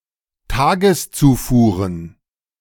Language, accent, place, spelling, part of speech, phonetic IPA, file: German, Germany, Berlin, Tageszufuhren, noun, [ˈtaːɡəsˌt͡suːfuːʁən], De-Tageszufuhren.ogg
- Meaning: plural of Tageszufuhr